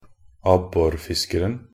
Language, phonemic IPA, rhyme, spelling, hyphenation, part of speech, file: Norwegian Bokmål, /ˈabːɔrfɪskərn̩/, -ərn̩, abborfiskeren, ab‧bor‧fis‧ker‧en, noun, Nb-abborfiskeren.ogg
- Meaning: definite singular of abborfisker